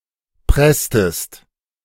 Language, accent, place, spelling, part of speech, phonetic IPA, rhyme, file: German, Germany, Berlin, presstest, verb, [ˈpʁɛstəst], -ɛstəst, De-presstest.ogg
- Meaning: inflection of pressen: 1. second-person singular preterite 2. second-person singular subjunctive II